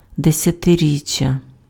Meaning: 1. decade (ten years) 2. tenth anniversary
- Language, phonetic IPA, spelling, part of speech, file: Ukrainian, [desʲɐteˈrʲit͡ʃʲːɐ], десятиріччя, noun, Uk-десятиріччя.ogg